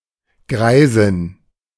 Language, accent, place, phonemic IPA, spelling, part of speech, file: German, Germany, Berlin, /ˈɡʁaɪ̯zɪn/, Greisin, noun, De-Greisin.ogg
- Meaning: very old woman